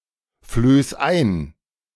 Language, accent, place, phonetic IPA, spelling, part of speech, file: German, Germany, Berlin, [ˌfløːs ˈaɪ̯n], flöß ein, verb, De-flöß ein.ogg
- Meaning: 1. singular imperative of einflößen 2. first-person singular present of einflößen